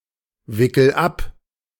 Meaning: inflection of abwickeln: 1. first-person singular present 2. singular imperative
- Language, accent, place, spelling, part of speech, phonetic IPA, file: German, Germany, Berlin, wickel ab, verb, [ˌvɪkl̩ ˈap], De-wickel ab.ogg